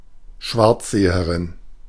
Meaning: female equivalent of Schwarzseher
- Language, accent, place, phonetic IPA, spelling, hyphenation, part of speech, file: German, Germany, Berlin, [ˈʃvaʁt͡szeːəʁɪn], Schwarzseherin, Schwarz‧se‧he‧rin, noun, De-Schwarzseherin.ogg